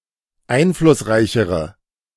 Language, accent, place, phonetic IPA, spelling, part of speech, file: German, Germany, Berlin, [ˈaɪ̯nflʊsˌʁaɪ̯çəʁə], einflussreichere, adjective, De-einflussreichere.ogg
- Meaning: inflection of einflussreich: 1. strong/mixed nominative/accusative feminine singular comparative degree 2. strong nominative/accusative plural comparative degree